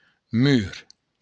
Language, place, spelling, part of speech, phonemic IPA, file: Occitan, Béarn, mur, noun, /myr/, LL-Q14185 (oci)-mur.wav
- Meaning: wall